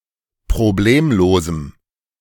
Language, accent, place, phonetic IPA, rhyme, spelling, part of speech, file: German, Germany, Berlin, [pʁoˈbleːmloːzm̩], -eːmloːzm̩, problemlosem, adjective, De-problemlosem.ogg
- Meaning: strong dative masculine/neuter singular of problemlos